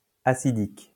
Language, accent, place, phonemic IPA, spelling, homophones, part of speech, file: French, France, Lyon, /a.si.dik/, acidique, hassidique / hassidiques / acidiques, adjective, LL-Q150 (fra)-acidique.wav
- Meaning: acidic